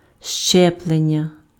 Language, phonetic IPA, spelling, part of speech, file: Ukrainian, [ˈʃt͡ʃɛpɫenʲːɐ], щеплення, noun, Uk-щеплення.ogg
- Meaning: verbal noun of щепи́ти impf (ščepýty): 1. grafting 2. inoculation 3. vaccination